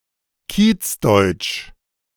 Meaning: a variety of German spoken in ethnically diverse urban neighbourhoods (vernacular variety of German)
- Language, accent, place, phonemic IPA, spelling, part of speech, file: German, Germany, Berlin, /ˈkiːt͡sˌdɔɪ̯t͡ʃ/, Kiezdeutsch, proper noun, De-Kiezdeutsch.ogg